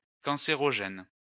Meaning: alternative form of cancérigène
- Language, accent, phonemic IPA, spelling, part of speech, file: French, France, /kɑ̃.se.ʁɔ.ʒɛn/, cancérogène, adjective, LL-Q150 (fra)-cancérogène.wav